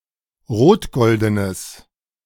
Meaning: strong/mixed nominative/accusative neuter singular of rotgolden
- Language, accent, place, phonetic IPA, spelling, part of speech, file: German, Germany, Berlin, [ˈʁoːtˌɡɔldənəs], rotgoldenes, adjective, De-rotgoldenes.ogg